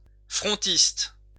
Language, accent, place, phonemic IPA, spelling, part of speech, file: French, France, Lyon, /fʁɔ̃.tist/, frontiste, adjective / noun, LL-Q150 (fra)-frontiste.wav
- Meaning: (adjective) of the Front national; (noun) a member of the Front national